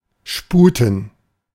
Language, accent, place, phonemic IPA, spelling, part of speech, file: German, Germany, Berlin, /ˈʃpuːtən/, sputen, verb, De-sputen.ogg
- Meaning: to hurry, to make haste